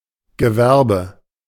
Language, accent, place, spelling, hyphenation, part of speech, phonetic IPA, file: German, Germany, Berlin, Gewerbe, Ge‧wer‧be, noun, [ɡəˈvɛʁbə], De-Gewerbe.ogg
- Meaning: business, commercial enterprise, industry, trade